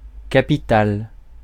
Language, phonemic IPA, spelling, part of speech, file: French, /ka.pi.tal/, capitale, noun / adjective, Fr-capitale.ogg
- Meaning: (noun) 1. capital, capital city 2. capital letter; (adjective) feminine singular of capital